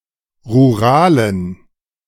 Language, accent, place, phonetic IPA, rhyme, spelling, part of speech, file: German, Germany, Berlin, [ʁuˈʁaːlən], -aːlən, ruralen, adjective, De-ruralen.ogg
- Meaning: inflection of rural: 1. strong genitive masculine/neuter singular 2. weak/mixed genitive/dative all-gender singular 3. strong/weak/mixed accusative masculine singular 4. strong dative plural